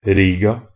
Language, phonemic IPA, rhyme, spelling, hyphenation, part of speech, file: Norwegian Bokmål, /ˈriːɡa/, -iːɡa, Riga, Ri‧ga, proper noun, Nb-riga.ogg
- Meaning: Riga (the capital city of Latvia)